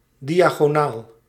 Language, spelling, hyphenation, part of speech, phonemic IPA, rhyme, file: Dutch, diagonaal, dia‧go‧naal, adjective / noun, /ˌdi.aː.ɣoːˈnaːl/, -aːl, Nl-diagonaal.ogg
- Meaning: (adjective) diagonal; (noun) diagonal; a diagonal line or plane